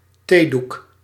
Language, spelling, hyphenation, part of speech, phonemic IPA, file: Dutch, theedoek, thee‧doek, noun, /ˈteːduk/, Nl-theedoek.ogg
- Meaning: a tea towel, a cloth for drying dishes and glassware